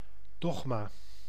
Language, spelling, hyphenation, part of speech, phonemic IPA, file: Dutch, dogma, dog‧ma, noun, /ˈdɔx.maː/, Nl-dogma.ogg
- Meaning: dogma (colloquially with connotations of strictness and inflexibility)